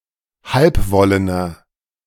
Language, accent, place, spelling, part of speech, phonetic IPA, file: German, Germany, Berlin, halbwollener, adjective, [ˈhalpˌvɔlənɐ], De-halbwollener.ogg
- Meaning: inflection of halbwollen: 1. strong/mixed nominative masculine singular 2. strong genitive/dative feminine singular 3. strong genitive plural